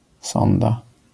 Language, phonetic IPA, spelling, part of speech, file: Polish, [ˈsɔ̃nda], sonda, noun, LL-Q809 (pol)-sonda.wav